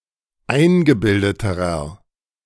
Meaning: inflection of eingebildet: 1. strong/mixed nominative masculine singular comparative degree 2. strong genitive/dative feminine singular comparative degree 3. strong genitive plural comparative degree
- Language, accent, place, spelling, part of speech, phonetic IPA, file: German, Germany, Berlin, eingebildeterer, adjective, [ˈaɪ̯nɡəˌbɪldətəʁɐ], De-eingebildeterer.ogg